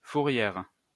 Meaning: 1. pound (place for the detention of stray animals) 2. tow pound, car impound (place to which law enforcement tow vehicle)
- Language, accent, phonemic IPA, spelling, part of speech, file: French, France, /fu.ʁjɛʁ/, fourrière, noun, LL-Q150 (fra)-fourrière.wav